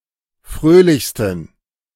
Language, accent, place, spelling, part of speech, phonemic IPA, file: German, Germany, Berlin, fröhlichsten, adjective, /ˈfʁøːlɪçstn̩/, De-fröhlichsten.ogg
- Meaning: 1. superlative degree of fröhlich 2. inflection of fröhlich: strong genitive masculine/neuter singular superlative degree